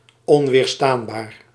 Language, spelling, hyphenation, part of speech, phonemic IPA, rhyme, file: Dutch, onweerstaanbaar, on‧weer‧staan‧baar, adjective, /ˌɔn.ʋeːrˈstaːn.baːr/, -aːnbaːr, Nl-onweerstaanbaar.ogg
- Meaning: irresistible